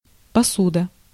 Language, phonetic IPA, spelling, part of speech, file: Russian, [pɐˈsudə], посуда, noun, Ru-посуда.ogg
- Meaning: 1. tableware, dishes, dishware 2. container, in which food products or drinks are sold, such as jar, bottle, etc